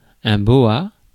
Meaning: 1. boa (snake) 2. boa (scarf)
- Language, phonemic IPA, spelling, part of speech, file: French, /bɔ.a/, boa, noun, Fr-boa.ogg